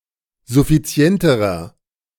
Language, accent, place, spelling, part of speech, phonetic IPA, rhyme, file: German, Germany, Berlin, suffizienterer, adjective, [zʊfiˈt͡si̯ɛntəʁɐ], -ɛntəʁɐ, De-suffizienterer.ogg
- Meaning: inflection of suffizient: 1. strong/mixed nominative masculine singular comparative degree 2. strong genitive/dative feminine singular comparative degree 3. strong genitive plural comparative degree